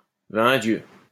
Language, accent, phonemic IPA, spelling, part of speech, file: French, France, /vɛ̃ djø/, vingt dieux, interjection, LL-Q150 (fra)-vingt dieux.wav
- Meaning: blow me down, bloody hell, gosh, good God